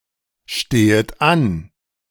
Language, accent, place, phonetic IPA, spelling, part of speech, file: German, Germany, Berlin, [ˌʃteːət ˈan], stehet an, verb, De-stehet an.ogg
- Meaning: second-person plural subjunctive I of anstehen